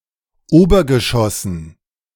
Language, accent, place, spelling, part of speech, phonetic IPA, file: German, Germany, Berlin, Obergeschossen, noun, [ˈoːbɐɡəˌʃɔsn̩], De-Obergeschossen.ogg
- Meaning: dative plural of Obergeschoss